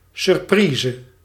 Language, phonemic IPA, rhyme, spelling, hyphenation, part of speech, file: Dutch, /sʏrˈpriːzə/, -iːzə, surprise, sur‧pri‧se, noun, Nl-surprise.ogg
- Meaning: 1. a gift wrapped in an ingenious or creative manner; often given anonymously during Sinterklaas celebrations in a similar way to secret Santa 2. a surprise gift 3. a surprise